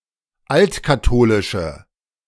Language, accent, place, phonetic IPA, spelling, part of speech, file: German, Germany, Berlin, [ˈaltkaˌtoːlɪʃə], altkatholische, adjective, De-altkatholische.ogg
- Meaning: inflection of altkatholisch: 1. strong/mixed nominative/accusative feminine singular 2. strong nominative/accusative plural 3. weak nominative all-gender singular